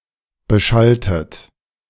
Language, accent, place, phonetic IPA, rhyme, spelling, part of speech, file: German, Germany, Berlin, [bəˈʃaltət], -altət, beschalltet, verb, De-beschalltet.ogg
- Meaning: inflection of beschallen: 1. second-person plural preterite 2. second-person plural subjunctive II